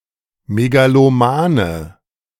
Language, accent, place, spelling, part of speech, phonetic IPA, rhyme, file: German, Germany, Berlin, megalomane, adjective, [meɡaloˈmaːnə], -aːnə, De-megalomane.ogg
- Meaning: inflection of megaloman: 1. strong/mixed nominative/accusative feminine singular 2. strong nominative/accusative plural 3. weak nominative all-gender singular